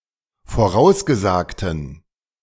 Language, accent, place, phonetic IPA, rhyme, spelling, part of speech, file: German, Germany, Berlin, [foˈʁaʊ̯sɡəˌzaːktn̩], -aʊ̯sɡəzaːktn̩, vorausgesagten, adjective, De-vorausgesagten.ogg
- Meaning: inflection of vorausgesagt: 1. strong genitive masculine/neuter singular 2. weak/mixed genitive/dative all-gender singular 3. strong/weak/mixed accusative masculine singular 4. strong dative plural